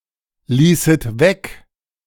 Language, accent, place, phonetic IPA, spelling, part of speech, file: German, Germany, Berlin, [ˌliːsət ˈvɛk], ließet weg, verb, De-ließet weg.ogg
- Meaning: second-person plural subjunctive II of weglassen